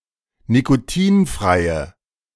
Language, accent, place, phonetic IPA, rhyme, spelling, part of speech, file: German, Germany, Berlin, [nikoˈtiːnfʁaɪ̯ə], -iːnfʁaɪ̯ə, nikotinfreie, adjective, De-nikotinfreie.ogg
- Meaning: inflection of nikotinfrei: 1. strong/mixed nominative/accusative feminine singular 2. strong nominative/accusative plural 3. weak nominative all-gender singular